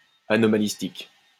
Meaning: anomalistic
- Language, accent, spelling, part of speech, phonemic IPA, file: French, France, anomalistique, adjective, /a.nɔ.ma.lis.tik/, LL-Q150 (fra)-anomalistique.wav